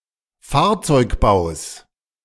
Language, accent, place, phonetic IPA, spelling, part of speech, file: German, Germany, Berlin, [ˈfaːɐ̯t͡sɔɪ̯kˌbaʊ̯s], Fahrzeugbaus, noun, De-Fahrzeugbaus.ogg
- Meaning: genitive singular of Fahrzeugbau